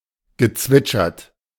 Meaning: past participle of zwitschern
- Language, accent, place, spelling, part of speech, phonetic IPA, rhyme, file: German, Germany, Berlin, gezwitschert, verb, [ɡəˈt͡svɪt͡ʃɐt], -ɪt͡ʃɐt, De-gezwitschert.ogg